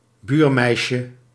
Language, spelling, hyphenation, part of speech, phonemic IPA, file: Dutch, buurmeisje, buur‧meis‧je, noun, /ˈbyːrˌmɛi̯.ʃə/, Nl-buurmeisje.ogg
- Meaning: a girl living in the same neighbourhood, a girl next-door